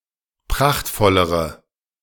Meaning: inflection of prachtvoll: 1. strong/mixed nominative/accusative feminine singular comparative degree 2. strong nominative/accusative plural comparative degree
- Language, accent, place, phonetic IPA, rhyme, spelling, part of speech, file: German, Germany, Berlin, [ˈpʁaxtfɔləʁə], -axtfɔləʁə, prachtvollere, adjective, De-prachtvollere.ogg